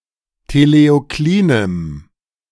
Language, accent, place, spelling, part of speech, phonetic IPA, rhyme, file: German, Germany, Berlin, teleoklinem, adjective, [teleoˈkliːnəm], -iːnəm, De-teleoklinem.ogg
- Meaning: strong dative masculine/neuter singular of teleoklin